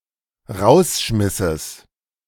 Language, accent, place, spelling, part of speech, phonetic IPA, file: German, Germany, Berlin, Rausschmisses, noun, [ˈʁaʊ̯sˌʃmɪsəs], De-Rausschmisses.ogg
- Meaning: genitive singular of Rausschmiss